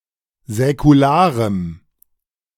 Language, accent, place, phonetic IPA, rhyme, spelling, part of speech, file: German, Germany, Berlin, [zɛkuˈlaːʁəm], -aːʁəm, säkularem, adjective, De-säkularem.ogg
- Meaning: strong dative masculine/neuter singular of säkular